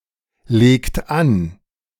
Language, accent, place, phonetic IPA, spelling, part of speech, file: German, Germany, Berlin, [ˌleːkt ˈan], legt an, verb, De-legt an.ogg
- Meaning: inflection of anlegen: 1. third-person singular present 2. second-person plural present 3. plural imperative